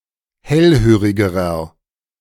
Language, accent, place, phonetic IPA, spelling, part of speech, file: German, Germany, Berlin, [ˈhɛlˌhøːʁɪɡəʁɐ], hellhörigerer, adjective, De-hellhörigerer.ogg
- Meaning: inflection of hellhörig: 1. strong/mixed nominative masculine singular comparative degree 2. strong genitive/dative feminine singular comparative degree 3. strong genitive plural comparative degree